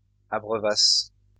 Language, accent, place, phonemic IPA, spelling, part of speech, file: French, France, Lyon, /a.bʁœ.vas/, abreuvasse, verb, LL-Q150 (fra)-abreuvasse.wav
- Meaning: first-person singular imperfect subjunctive of abreuver